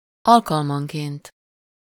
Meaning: on occasion, occasionally
- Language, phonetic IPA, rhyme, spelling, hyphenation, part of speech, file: Hungarian, [ˈɒlkɒlmɒŋkeːnt], -eːnt, alkalmanként, al‧kal‧man‧ként, adverb, Hu-alkalmanként.ogg